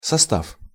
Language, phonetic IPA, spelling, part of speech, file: Russian, [sɐˈstaf], состав, noun, Ru-состав.ogg
- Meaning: 1. composition, structure, membership, staff, body 2. composition, solution, mixture 3. train, stock